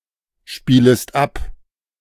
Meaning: second-person singular subjunctive I of abspielen
- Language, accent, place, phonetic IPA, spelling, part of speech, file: German, Germany, Berlin, [ˌʃpiːləst ˈap], spielest ab, verb, De-spielest ab.ogg